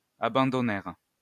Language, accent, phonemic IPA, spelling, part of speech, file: French, France, /a.bɑ̃.dɔ.nɛʁ/, abandonnèrent, verb, LL-Q150 (fra)-abandonnèrent.wav
- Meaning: third-person plural past historic of abandonner